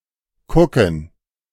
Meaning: alternative form of gucken (“to look”)
- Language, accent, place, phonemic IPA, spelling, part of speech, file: German, Germany, Berlin, /kʊkən/, kucken, verb, De-kucken.ogg